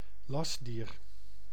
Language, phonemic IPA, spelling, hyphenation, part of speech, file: Dutch, /ˈlɑs.diːr/, lastdier, last‧dier, noun, Nl-lastdier.ogg
- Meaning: beast of burden, animal used to carry or pull (heavy) loads